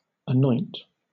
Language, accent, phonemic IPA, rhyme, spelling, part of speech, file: English, Southern England, /əˈnɔɪnt/, -ɔɪnt, anoint, verb, LL-Q1860 (eng)-anoint.wav
- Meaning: 1. To smear or rub over with oil or an unctuous substance; also, to spread over, as oil 2. To apply oil to or to pour oil upon, etc., as a sacred rite, especially for consecration